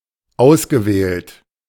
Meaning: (verb) past participle of auswählen; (adjective) chosen, selected
- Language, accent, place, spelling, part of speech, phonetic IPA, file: German, Germany, Berlin, ausgewählt, verb, [ˈaʊ̯sɡəˌvɛːlt], De-ausgewählt.ogg